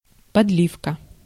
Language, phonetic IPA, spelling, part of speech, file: Russian, [pɐdˈlʲifkə], подливка, noun, Ru-подливка.ogg
- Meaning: 1. gravy 2. sauce